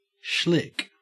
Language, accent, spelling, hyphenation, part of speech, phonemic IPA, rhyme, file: English, Australia, shlick, shlick, interjection / noun / verb, /ʃlɪk/, -ɪk, En-au-shlick.ogg
- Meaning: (interjection) Indicating the sound of sliding or slipping over or into something wet with traction